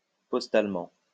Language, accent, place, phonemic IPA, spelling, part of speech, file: French, France, Lyon, /pɔs.tal.mɑ̃/, postalement, adverb, LL-Q150 (fra)-postalement.wav
- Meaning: postally